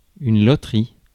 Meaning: lottery (scheme for the distribution of prizes by lot or chance)
- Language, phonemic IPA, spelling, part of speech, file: French, /lɔ.tʁi/, loterie, noun, Fr-loterie.ogg